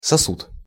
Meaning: 1. vessel (container) 2. vessel
- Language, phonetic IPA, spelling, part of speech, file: Russian, [sɐˈsut], сосуд, noun, Ru-сосуд.ogg